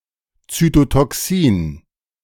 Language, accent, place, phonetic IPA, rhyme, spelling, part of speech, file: German, Germany, Berlin, [ˌt͡sytotɔˈksiːn], -iːn, Zytotoxin, noun, De-Zytotoxin.ogg
- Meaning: cytotoxin